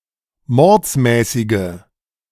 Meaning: inflection of mordsmäßig: 1. strong/mixed nominative/accusative feminine singular 2. strong nominative/accusative plural 3. weak nominative all-gender singular
- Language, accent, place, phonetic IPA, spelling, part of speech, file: German, Germany, Berlin, [ˈmɔʁt͡smɛːsɪɡə], mordsmäßige, adjective, De-mordsmäßige.ogg